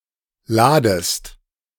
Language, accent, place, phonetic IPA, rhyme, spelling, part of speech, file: German, Germany, Berlin, [ˈlaːdəst], -aːdəst, ladest, verb, De-ladest.ogg
- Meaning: 1. second-person singular subjunctive I of laden 2. second-person singular present of laden